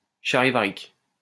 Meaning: charivaric
- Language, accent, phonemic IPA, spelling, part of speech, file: French, France, /ʃa.ʁi.va.ʁik/, charivarique, adjective, LL-Q150 (fra)-charivarique.wav